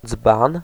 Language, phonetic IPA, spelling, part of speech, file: Polish, [d͡zbãn], dzban, noun, Pl-dzban.ogg